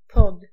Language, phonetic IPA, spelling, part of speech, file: Polish, [pɔt], pod, preposition, Pl-pod.ogg